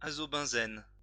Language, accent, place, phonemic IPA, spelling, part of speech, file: French, France, Lyon, /a.zɔ.bɛ̃.zɛn/, azobenzène, noun, LL-Q150 (fra)-azobenzène.wav
- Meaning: azobenzene (an aromatic azo compound, diphenyl diazene, the basis of many dyes)